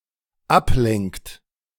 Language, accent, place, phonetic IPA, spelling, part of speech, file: German, Germany, Berlin, [ˈapˌlɛŋkt], ablenkt, verb, De-ablenkt.ogg
- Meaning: inflection of ablenken: 1. third-person singular dependent present 2. second-person plural dependent present